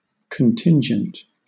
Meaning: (noun) An event which may or may not happen; that which is unforeseen, undetermined, or dependent on something in the future
- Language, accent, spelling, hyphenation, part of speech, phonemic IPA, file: English, Southern England, contingent, con‧tin‧gent, noun / adjective, /kənˈtɪn.d͡ʒənt/, LL-Q1860 (eng)-contingent.wav